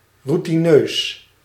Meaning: routine, habitual (pertaining to or resulting from repetition)
- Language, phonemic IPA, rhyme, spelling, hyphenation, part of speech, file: Dutch, /ˌrutiˈnøːs/, -øːs, routineus, rou‧ti‧neus, adjective, Nl-routineus.ogg